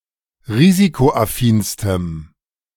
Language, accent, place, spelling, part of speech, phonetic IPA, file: German, Germany, Berlin, risikoaffinstem, adjective, [ˈʁiːzikoʔaˌfiːnstəm], De-risikoaffinstem.ogg
- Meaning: strong dative masculine/neuter singular superlative degree of risikoaffin